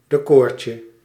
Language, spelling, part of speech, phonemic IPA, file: Dutch, decortje, noun, /deˈkɔːrcə/, Nl-decortje.ogg
- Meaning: diminutive of decor